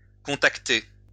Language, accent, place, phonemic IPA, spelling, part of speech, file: French, France, Lyon, /kɔ̃.tak.te/, contacter, verb, LL-Q150 (fra)-contacter.wav
- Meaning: to contact (all senses)